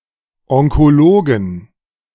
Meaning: 1. genitive singular of Onkologe 2. plural of Onkologe
- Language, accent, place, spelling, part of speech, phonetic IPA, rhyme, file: German, Germany, Berlin, Onkologen, noun, [ɔŋkoˈloːɡn̩], -oːɡn̩, De-Onkologen.ogg